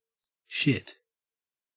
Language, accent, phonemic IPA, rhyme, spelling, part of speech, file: English, Australia, /ʃɪt/, -ɪt, shit, noun / adjective / verb / interjection, En-au-shit.ogg
- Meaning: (noun) 1. Usually solid excretory product evacuated from the bowels; feces 2. The act of shitting 3. Rubbish; worthless matter 4. Stuff, things 5. (the shit) The best of its kind